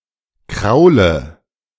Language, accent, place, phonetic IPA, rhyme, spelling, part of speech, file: German, Germany, Berlin, [ˈkʁaʊ̯lə], -aʊ̯lə, kraule, verb, De-kraule.ogg
- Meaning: inflection of kraulen: 1. first-person singular present 2. first/third-person singular subjunctive I 3. singular imperative